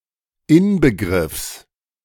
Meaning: genitive singular of Inbegriff
- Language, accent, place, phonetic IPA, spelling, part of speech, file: German, Germany, Berlin, [ˈɪnbəˌɡʁɪfs], Inbegriffs, noun, De-Inbegriffs.ogg